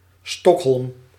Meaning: Stockholm (the capital city of Sweden)
- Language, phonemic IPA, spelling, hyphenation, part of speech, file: Dutch, /ˈstɔkˌɦɔlm/, Stockholm, Stock‧holm, proper noun, Nl-Stockholm.ogg